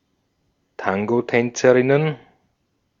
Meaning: plural of Tangotänzerin
- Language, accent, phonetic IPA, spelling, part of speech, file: German, Austria, [ˈtaŋɡoˌtɛnt͡səʁɪnən], Tangotänzerinnen, noun, De-at-Tangotänzerinnen.ogg